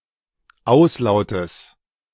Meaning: genitive singular of Auslaut
- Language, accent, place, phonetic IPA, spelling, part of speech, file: German, Germany, Berlin, [ˈaʊ̯sˌlaʊ̯təs], Auslautes, noun, De-Auslautes.ogg